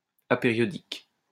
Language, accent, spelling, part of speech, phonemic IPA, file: French, France, apériodique, adjective, /a.pe.ʁjɔ.dik/, LL-Q150 (fra)-apériodique.wav
- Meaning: aperiodic